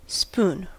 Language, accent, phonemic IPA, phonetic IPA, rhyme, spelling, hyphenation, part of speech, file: English, General American, /spuːn/, [ˈspʊu̯n], -uːn, spoon, spoon, noun / verb, En-us-spoon.ogg
- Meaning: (noun) 1. An implement for eating or serving; a scooped utensil whose long handle is straight, in contrast to a ladle 2. An implement for stirring food while being prepared; a wooden spoon